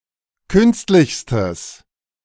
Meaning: strong/mixed nominative/accusative neuter singular superlative degree of künstlich
- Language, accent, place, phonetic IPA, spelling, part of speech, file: German, Germany, Berlin, [ˈkʏnstlɪçstəs], künstlichstes, adjective, De-künstlichstes.ogg